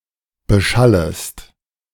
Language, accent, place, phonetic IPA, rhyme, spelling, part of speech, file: German, Germany, Berlin, [bəˈʃaləst], -aləst, beschallest, verb, De-beschallest.ogg
- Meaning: second-person singular subjunctive I of beschallen